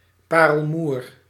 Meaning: mother of pearl
- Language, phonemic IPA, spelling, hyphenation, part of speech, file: Dutch, /ˈpaː.rəlˌmur/, parelmoer, pa‧rel‧moer, noun, Nl-parelmoer.ogg